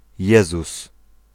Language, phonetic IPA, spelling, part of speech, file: Polish, [ˈjɛzus], Jezus, proper noun / interjection, Pl-Jezus.ogg